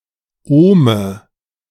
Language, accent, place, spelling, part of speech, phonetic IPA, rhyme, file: German, Germany, Berlin, Ohme, noun, [ˈoːmə], -oːmə, De-Ohme.ogg
- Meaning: nominative/accusative/genitive plural of Ohm